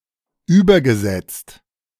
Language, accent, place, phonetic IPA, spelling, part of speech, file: German, Germany, Berlin, [ˈyːbɐɡəˌzɛt͡st], übergesetzt, verb, De-übergesetzt.ogg
- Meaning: past participle of übersetzen